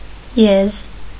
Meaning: 1. ox 2. large, strong person; hulk
- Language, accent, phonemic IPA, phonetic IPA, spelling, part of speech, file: Armenian, Eastern Armenian, /jez/, [jez], եզ, noun, Hy-եզ.ogg